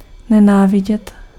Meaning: to hate
- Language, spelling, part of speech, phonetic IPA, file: Czech, nenávidět, verb, [ˈnɛnaːvɪɟɛt], Cs-nenávidět.ogg